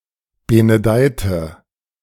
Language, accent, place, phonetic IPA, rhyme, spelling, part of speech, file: German, Germany, Berlin, [ˌbenəˈdaɪ̯tə], -aɪ̯tə, benedeite, adjective / verb, De-benedeite.ogg
- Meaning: inflection of benedeien: 1. first/third-person singular preterite 2. first/third-person singular subjunctive II